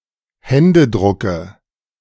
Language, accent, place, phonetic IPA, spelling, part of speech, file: German, Germany, Berlin, [ˈhɛndəˌdʁʊkə], Händedrucke, noun, De-Händedrucke.ogg
- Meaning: dative singular of Händedruck